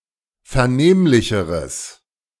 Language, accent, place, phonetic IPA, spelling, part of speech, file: German, Germany, Berlin, [fɛɐ̯ˈneːmlɪçəʁəs], vernehmlicheres, adjective, De-vernehmlicheres.ogg
- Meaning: strong/mixed nominative/accusative neuter singular comparative degree of vernehmlich